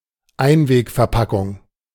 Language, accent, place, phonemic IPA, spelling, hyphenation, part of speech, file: German, Germany, Berlin, /ˈaɪ̯nveːkfɛɐ̯ˌpakʊŋ/, Einwegverpackung, Ein‧weg‧ver‧pa‧ckung, noun, De-Einwegverpackung.ogg
- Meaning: disposable (food) container